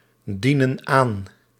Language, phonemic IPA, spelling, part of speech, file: Dutch, /ˈdinə(n) ˈan/, dienen aan, verb, Nl-dienen aan.ogg
- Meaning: inflection of aandienen: 1. plural present indicative 2. plural present subjunctive